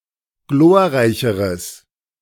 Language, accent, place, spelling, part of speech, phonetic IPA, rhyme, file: German, Germany, Berlin, glorreicheres, adjective, [ˈɡloːɐ̯ˌʁaɪ̯çəʁəs], -oːɐ̯ʁaɪ̯çəʁəs, De-glorreicheres.ogg
- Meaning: strong/mixed nominative/accusative neuter singular comparative degree of glorreich